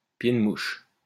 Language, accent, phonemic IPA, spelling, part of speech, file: French, France, /pje.d(ə).muʃ/, pied-de-mouche, noun, LL-Q150 (fra)-pied-de-mouche.wav
- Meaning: pilcrow, ¶ (a paragraph mark)